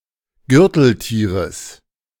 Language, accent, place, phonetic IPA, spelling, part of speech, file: German, Germany, Berlin, [ˈɡʏʁtl̩ˌtiːʁəs], Gürteltieres, noun, De-Gürteltieres.ogg
- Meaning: genitive singular of Gürteltier